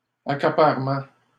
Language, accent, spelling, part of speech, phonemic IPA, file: French, Canada, accaparement, noun, /a.ka.paʁ.mɑ̃/, LL-Q150 (fra)-accaparement.wav
- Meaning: 1. monopolization, cornering (of a market) 2. acquisition, occupation, grabbing